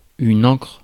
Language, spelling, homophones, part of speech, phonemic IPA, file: French, ancre, ancrent / ancres / encre / encrent / encres, noun / verb, /ɑ̃kʁ/, Fr-ancre.ogg
- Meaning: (noun) anchor (of a ship); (verb) inflection of ancrer: 1. first/third-person singular present indicative/subjunctive 2. second-person singular imperative